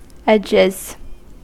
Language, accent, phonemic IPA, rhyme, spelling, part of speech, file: English, US, /ˈɛd͡ʒɪz/, -ɛdʒɪz, edges, noun / verb, En-us-edges.ogg
- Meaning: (noun) 1. plural of edge 2. The fine hairs at the edge of someone's (usually a black woman's) hairline; baby hairs; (verb) third-person singular simple present indicative of edge